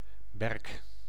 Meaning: birch, tree of the genus Betula
- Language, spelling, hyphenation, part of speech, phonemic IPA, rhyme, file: Dutch, berk, berk, noun, /bɛrk/, -ɛrk, Nl-berk.ogg